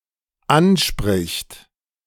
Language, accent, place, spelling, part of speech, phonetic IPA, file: German, Germany, Berlin, anspricht, verb, [ˈanˌʃpʁɪçt], De-anspricht.ogg
- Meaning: third-person singular dependent present of ansprechen